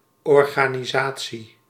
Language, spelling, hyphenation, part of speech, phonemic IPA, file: Dutch, organisatie, or‧ga‧ni‧sa‧tie, noun, /ˌɔr.ɣaː.niˈzaː.(t)si/, Nl-organisatie.ogg
- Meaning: 1. an organization (institution) 2. organisation, the way or degree that something is organised